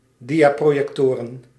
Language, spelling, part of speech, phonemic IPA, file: Dutch, diaprojectoren, noun, /ˈdijaprojɛkˌtorə/, Nl-diaprojectoren.ogg
- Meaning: plural of diaprojector